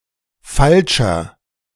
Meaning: 1. comparative degree of falsch 2. inflection of falsch: strong/mixed nominative masculine singular 3. inflection of falsch: strong genitive/dative feminine singular
- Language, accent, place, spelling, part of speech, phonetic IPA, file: German, Germany, Berlin, falscher, adjective, [ˈfalʃɐ], De-falscher.ogg